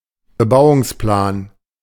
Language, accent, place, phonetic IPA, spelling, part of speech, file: German, Germany, Berlin, [bəˈbaʊ̯ʊŋsˌplaːn], Bebauungsplan, noun, De-Bebauungsplan.ogg
- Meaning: 1. development plan 2. zoning map